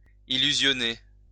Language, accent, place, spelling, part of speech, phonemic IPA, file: French, France, Lyon, illusionner, verb, /i.ly.zjɔ.ne/, LL-Q150 (fra)-illusionner.wav
- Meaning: to delude